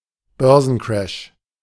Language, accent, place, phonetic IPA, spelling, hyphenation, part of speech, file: German, Germany, Berlin, [ˈbœʁzn̩ˌkʁɛʃ], Börsencrash, Bör‧sen‧crash, noun, De-Börsencrash.ogg
- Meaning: stock market crash (a sudden and severe fall in stock prices across a substantial part of a stock market)